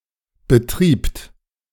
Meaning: second-person plural preterite of betreiben
- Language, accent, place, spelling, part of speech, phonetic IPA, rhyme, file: German, Germany, Berlin, betriebt, verb, [bəˈtʁiːpt], -iːpt, De-betriebt.ogg